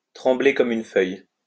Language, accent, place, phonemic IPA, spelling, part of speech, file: French, France, Lyon, /tʁɑ̃.ble kɔ.m‿yn fœj/, trembler comme une feuille, verb, LL-Q150 (fra)-trembler comme une feuille.wav
- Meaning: to shake like a leaf